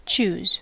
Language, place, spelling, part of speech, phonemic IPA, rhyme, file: English, California, choose, verb / conjunction, /t͡ʃuz/, -uːz, En-us-choose.ogg
- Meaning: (verb) 1. To pick; to make the choice of; to select 2. To elect 3. To decide to act in a certain way 4. To prefer; to wish; to desire